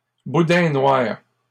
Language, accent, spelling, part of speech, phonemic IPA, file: French, Canada, boudin noir, noun, /bu.dɛ̃ nwaʁ/, LL-Q150 (fra)-boudin noir.wav
- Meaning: black pudding, blood sausage